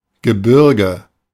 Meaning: 1. a group of mountains, mountain range, mountains 2. geographical area containing mountains
- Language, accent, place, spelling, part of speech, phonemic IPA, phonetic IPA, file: German, Germany, Berlin, Gebirge, noun, /ɡəˈbɪʁɡə/, [ɡəˈbɪɐ̯ɡə], De-Gebirge.ogg